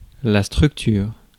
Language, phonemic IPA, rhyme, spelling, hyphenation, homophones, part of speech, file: French, /stʁyk.tyʁ/, -yʁ, structure, struc‧ture, structures, noun, Fr-structure.ogg
- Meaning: structure